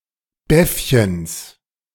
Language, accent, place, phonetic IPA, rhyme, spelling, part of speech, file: German, Germany, Berlin, [ˈbɛfçəns], -ɛfçəns, Beffchens, noun, De-Beffchens.ogg
- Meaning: genitive singular of Beffchen